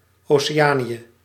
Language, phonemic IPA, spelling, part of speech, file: Dutch, /ˌoː.seːˈaːni.ə/, Oceanië, proper noun, Nl-Oceanië.ogg
- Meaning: Oceania ({{place|en|A <> composed of the islands of the central and southern Pacific Ocean, principally divided into Melanesia, Micronesia and Polynesia)